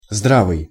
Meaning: 1. sensible, sound, sane, reasonable 2. healthy
- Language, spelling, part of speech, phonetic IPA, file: Russian, здравый, adjective, [ˈzdravɨj], Ru-здравый.ogg